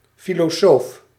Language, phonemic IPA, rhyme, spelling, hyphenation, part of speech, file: Dutch, /ˌfi.loːˈsoːf/, -oːf, filosoof, fi‧lo‧soof, noun, Nl-filosoof.ogg
- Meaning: philosopher